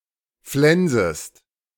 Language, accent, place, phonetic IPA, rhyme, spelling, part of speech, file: German, Germany, Berlin, [ˈflɛnzəst], -ɛnzəst, flensest, verb, De-flensest.ogg
- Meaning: second-person singular subjunctive I of flensen